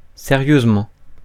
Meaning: seriously
- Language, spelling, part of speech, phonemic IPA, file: French, sérieusement, adverb, /se.ʁjøz.mɑ̃/, Fr-sérieusement.ogg